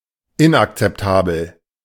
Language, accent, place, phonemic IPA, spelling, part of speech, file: German, Germany, Berlin, /ˈɪn(ʔ)aktsɛpˌtaːbl̩/, inakzeptabel, adjective, De-inakzeptabel.ogg
- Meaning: unacceptable